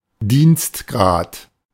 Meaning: rank (a level in an organization such as the military)
- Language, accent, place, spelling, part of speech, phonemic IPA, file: German, Germany, Berlin, Dienstgrad, noun, /ˈdiːnstˌɡʁaːt/, De-Dienstgrad.ogg